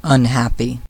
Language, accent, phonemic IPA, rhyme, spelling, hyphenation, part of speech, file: English, US, /ʌnˈhæpi/, -æpi, unhappy, un‧hap‧py, adjective / noun / verb, En-us-unhappy.ogg
- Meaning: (adjective) 1. Not happy; sad 2. Not satisfied; unsatisfied 3. Not lucky; unlucky 4. Not suitable; unsuitable; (noun) A person who is not happy; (verb) To make or become unhappy; to sadden